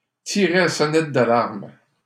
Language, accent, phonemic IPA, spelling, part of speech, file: French, Canada, /ti.ʁe la sɔ.nɛt d‿a.laʁm/, tirer la sonnette d'alarme, verb, LL-Q150 (fra)-tirer la sonnette d'alarme.wav
- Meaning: to sound the alarm, to raise the alarm, to set alarm bells ringing